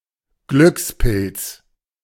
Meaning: lucky devil
- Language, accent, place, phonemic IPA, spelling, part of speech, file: German, Germany, Berlin, /ˈɡlʏkspɪlts/, Glückspilz, noun, De-Glückspilz.ogg